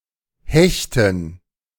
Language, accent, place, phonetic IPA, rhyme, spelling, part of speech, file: German, Germany, Berlin, [ˈhɛçtn̩], -ɛçtn̩, Hechten, noun, De-Hechten.ogg
- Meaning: dative plural of Hecht